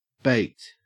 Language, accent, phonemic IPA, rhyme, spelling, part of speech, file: English, Australia, /beɪkt/, -eɪkt, baked, verb / adjective, En-au-baked.ogg
- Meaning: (verb) simple past and past participle of bake; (adjective) 1. That has been cooked by baking 2. Inebriated: drunk, high, or stoned 3. Hungover